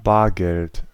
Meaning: cash (money in the form of notes/bills and coins)
- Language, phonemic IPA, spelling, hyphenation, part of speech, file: German, /ˈbaːɐ̯ɡɛlt/, Bargeld, Bar‧geld, noun, De-Bargeld.ogg